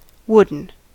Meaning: 1. Made of wood 2. As if made of wood; moving awkwardly, or speaking with dull lack of emotion
- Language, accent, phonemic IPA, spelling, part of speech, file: English, US, /ˈwʊdn̩/, wooden, adjective, En-us-wooden.ogg